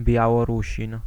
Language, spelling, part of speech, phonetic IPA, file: Polish, Białorusin, noun, [ˌbʲjawɔˈruɕĩn], Pl-Białorusin.ogg